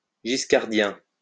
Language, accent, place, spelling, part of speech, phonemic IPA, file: French, France, Lyon, giscardien, adjective, /ʒis.kaʁ.djɛ̃/, LL-Q150 (fra)-giscardien.wav
- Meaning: Giscardian